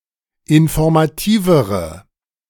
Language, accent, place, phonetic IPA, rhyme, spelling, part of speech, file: German, Germany, Berlin, [ɪnfɔʁmaˈtiːvəʁə], -iːvəʁə, informativere, adjective, De-informativere.ogg
- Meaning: inflection of informativ: 1. strong/mixed nominative/accusative feminine singular comparative degree 2. strong nominative/accusative plural comparative degree